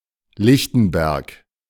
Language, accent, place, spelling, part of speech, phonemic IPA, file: German, Germany, Berlin, Lichtenberg, proper noun, /ˈlɪçtn̩ˌbɛʁk/, De-Lichtenberg.ogg
- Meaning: 1. a municipality of Upper Austria, Austria 2. a borough of Berlin, Berlin, Germany 3. a city in Bavaria, Germany 4. a municipality of Bas-Rhin department, Alsace, France